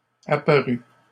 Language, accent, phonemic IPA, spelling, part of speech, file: French, Canada, /a.pa.ʁy/, apparut, verb, LL-Q150 (fra)-apparut.wav
- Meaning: 1. third-person singular past historic of apparaître 2. third-person singular past historic of apparaitre